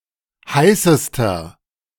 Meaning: inflection of heiß: 1. strong/mixed nominative masculine singular superlative degree 2. strong genitive/dative feminine singular superlative degree 3. strong genitive plural superlative degree
- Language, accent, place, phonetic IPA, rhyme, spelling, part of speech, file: German, Germany, Berlin, [ˈhaɪ̯səstɐ], -aɪ̯səstɐ, heißester, adjective, De-heißester.ogg